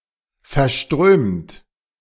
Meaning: 1. past participle of verströmen 2. inflection of verströmen: second-person plural present 3. inflection of verströmen: third-person singular present 4. inflection of verströmen: plural imperative
- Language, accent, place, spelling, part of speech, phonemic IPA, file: German, Germany, Berlin, verströmt, verb, /fɛrˈʃtʁøːmt/, De-verströmt.ogg